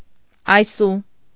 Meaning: by means of this, with this
- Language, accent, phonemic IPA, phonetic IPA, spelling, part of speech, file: Armenian, Eastern Armenian, /ɑjˈsu/, [ɑjsú], այսու, pronoun, Hy-այսու.ogg